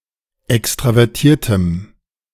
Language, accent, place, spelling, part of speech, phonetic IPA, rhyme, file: German, Germany, Berlin, extravertiertem, adjective, [ˌɛkstʁavɛʁˈtiːɐ̯təm], -iːɐ̯təm, De-extravertiertem.ogg
- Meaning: strong dative masculine/neuter singular of extravertiert